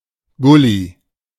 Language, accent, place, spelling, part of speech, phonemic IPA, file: German, Germany, Berlin, Gully, noun, /ˈɡʊli/, De-Gully.ogg
- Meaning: 1. road drain, gully 2. manhole